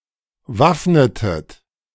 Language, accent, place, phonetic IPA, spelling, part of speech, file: German, Germany, Berlin, [ˈvafnətət], waffnetet, verb, De-waffnetet.ogg
- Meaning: inflection of waffnen: 1. second-person plural preterite 2. second-person plural subjunctive II